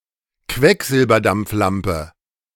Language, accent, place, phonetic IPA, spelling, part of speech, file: German, Germany, Berlin, [ˈkvɛkzɪlbɐdamp͡fˌlampə], Quecksilberdampflampe, noun, De-Quecksilberdampflampe.ogg
- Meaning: mercury-vapour lamp